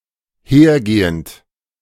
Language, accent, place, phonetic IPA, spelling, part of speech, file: German, Germany, Berlin, [ˈheːɐ̯ˌɡeːənt], hergehend, verb, De-hergehend.ogg
- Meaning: present participle of hergehen